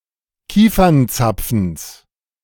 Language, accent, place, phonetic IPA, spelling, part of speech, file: German, Germany, Berlin, [ˈkiːfɐnˌt͡sap͡fn̩s], Kiefernzapfens, noun, De-Kiefernzapfens.ogg
- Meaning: genitive singular of Kiefernzapfen